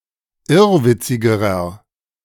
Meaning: inflection of irrwitzig: 1. strong/mixed nominative masculine singular comparative degree 2. strong genitive/dative feminine singular comparative degree 3. strong genitive plural comparative degree
- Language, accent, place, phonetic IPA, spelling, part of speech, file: German, Germany, Berlin, [ˈɪʁvɪt͡sɪɡəʁɐ], irrwitzigerer, adjective, De-irrwitzigerer.ogg